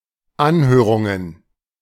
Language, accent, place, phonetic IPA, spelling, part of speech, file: German, Germany, Berlin, [ˈanhøːʁʊŋən], Anhörungen, noun, De-Anhörungen.ogg
- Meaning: plural of Anhörung